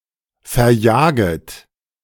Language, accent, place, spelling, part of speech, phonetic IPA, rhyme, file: German, Germany, Berlin, verjaget, verb, [fɛɐ̯ˈjaːɡət], -aːɡət, De-verjaget.ogg
- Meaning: second-person plural subjunctive I of verjagen